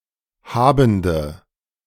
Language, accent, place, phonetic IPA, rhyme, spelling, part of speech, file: German, Germany, Berlin, [ˈhaːbn̩də], -aːbn̩də, habende, adjective, De-habende.ogg
- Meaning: inflection of habend: 1. strong/mixed nominative/accusative feminine singular 2. strong nominative/accusative plural 3. weak nominative all-gender singular 4. weak accusative feminine/neuter singular